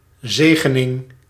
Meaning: 1. blessing, benediction 2. the act of blessing
- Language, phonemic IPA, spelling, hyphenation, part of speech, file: Dutch, /ˈzeː.ɣə.nɪŋ/, zegening, ze‧ge‧ning, noun, Nl-zegening.ogg